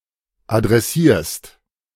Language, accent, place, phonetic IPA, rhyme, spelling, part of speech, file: German, Germany, Berlin, [adʁɛˈsiːɐ̯st], -iːɐ̯st, adressierst, verb, De-adressierst.ogg
- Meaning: second-person singular present of adressieren